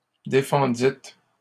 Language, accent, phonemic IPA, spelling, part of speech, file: French, Canada, /de.fɑ̃.dit/, défendîtes, verb, LL-Q150 (fra)-défendîtes.wav
- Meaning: second-person plural past historic of défendre